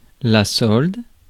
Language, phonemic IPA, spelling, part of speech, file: French, /sɔld/, solde, noun / verb, Fr-solde.ogg
- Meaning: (noun) 1. balance (list of credits and debits) 2. sale (discount period in e.g. a shop) 3. pay of a soldier or other military person 4. pay generally